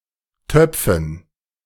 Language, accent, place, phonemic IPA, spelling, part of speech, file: German, Germany, Berlin, /ˈtœpfən/, Töpfen, noun, De-Töpfen.ogg
- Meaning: dative plural of Topf